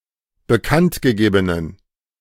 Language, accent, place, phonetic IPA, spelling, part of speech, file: German, Germany, Berlin, [bəˈkantɡəˌɡeːbənən], bekanntgegebenen, adjective, De-bekanntgegebenen.ogg
- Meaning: inflection of bekanntgegeben: 1. strong genitive masculine/neuter singular 2. weak/mixed genitive/dative all-gender singular 3. strong/weak/mixed accusative masculine singular 4. strong dative plural